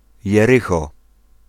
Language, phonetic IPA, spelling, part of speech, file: Polish, [jɛˈrɨxɔ], Jerycho, proper noun, Pl-Jerycho.ogg